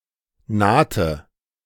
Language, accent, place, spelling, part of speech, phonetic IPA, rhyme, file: German, Germany, Berlin, nahte, verb, [ˈnaːtə], -aːtə, De-nahte.ogg
- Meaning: inflection of nahen: 1. first/third-person singular preterite 2. first/third-person singular subjunctive II